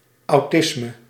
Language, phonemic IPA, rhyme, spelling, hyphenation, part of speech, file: Dutch, /ɑu̯ˈtɪsmə/, -ɪsmə, autisme, au‧tis‧me, noun, Nl-autisme.ogg
- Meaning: 1. autism (syndrome on the autism spectrum) 2. autism (type of schizophrenia)